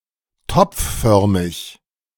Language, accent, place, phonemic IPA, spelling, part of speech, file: German, Germany, Berlin, /ˈtɔpfˌfœʁmɪç/, topfförmig, adjective, De-topfförmig.ogg
- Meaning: pot-shaped